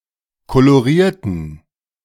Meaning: inflection of kolorieren: 1. first/third-person plural preterite 2. first/third-person plural subjunctive II
- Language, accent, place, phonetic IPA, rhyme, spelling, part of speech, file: German, Germany, Berlin, [koloˈʁiːɐ̯tn̩], -iːɐ̯tn̩, kolorierten, adjective / verb, De-kolorierten.ogg